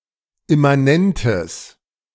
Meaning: strong/mixed nominative/accusative neuter singular of immanent
- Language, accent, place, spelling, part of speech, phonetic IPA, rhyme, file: German, Germany, Berlin, immanentes, adjective, [ɪmaˈnɛntəs], -ɛntəs, De-immanentes.ogg